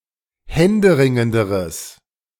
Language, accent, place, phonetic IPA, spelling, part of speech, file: German, Germany, Berlin, [ˈhɛndəˌʁɪŋəndəʁəs], händeringenderes, adjective, De-händeringenderes.ogg
- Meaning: strong/mixed nominative/accusative neuter singular comparative degree of händeringend